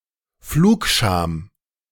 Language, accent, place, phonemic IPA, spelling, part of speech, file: German, Germany, Berlin, /ˈfluːkˌʃaːm/, Flugscham, noun, De-Flugscham.ogg
- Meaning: flight shame